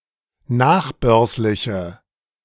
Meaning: inflection of nachbörslich: 1. strong/mixed nominative/accusative feminine singular 2. strong nominative/accusative plural 3. weak nominative all-gender singular
- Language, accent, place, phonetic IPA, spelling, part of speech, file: German, Germany, Berlin, [ˈnaːxˌbœʁslɪçə], nachbörsliche, adjective, De-nachbörsliche.ogg